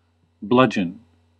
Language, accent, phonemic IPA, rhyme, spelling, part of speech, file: English, US, /ˈblʌd͡ʒ.ən/, -ʌdʒən, bludgeon, noun / verb, En-us-bludgeon.ogg
- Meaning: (noun) 1. A short, heavy club, often of wood, which is thicker or loaded at one end 2. Something used to coerce someone; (verb) To strike or hit with something hard, usually on the head; to club